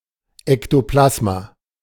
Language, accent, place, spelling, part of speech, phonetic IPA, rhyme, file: German, Germany, Berlin, Ektoplasma, noun, [ɛktoˈplasma], -asma, De-Ektoplasma.ogg
- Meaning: ectoplasm